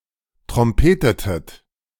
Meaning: inflection of trompeten: 1. second-person plural preterite 2. second-person plural subjunctive II
- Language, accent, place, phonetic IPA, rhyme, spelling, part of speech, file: German, Germany, Berlin, [tʁɔmˈpeːtətət], -eːtətət, trompetetet, verb, De-trompetetet.ogg